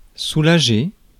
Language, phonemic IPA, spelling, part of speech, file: French, /su.la.ʒe/, soulager, verb, Fr-soulager.ogg
- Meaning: 1. to relieve, soothe 2. to make oneself feel better, to find relief 3. to relieve oneself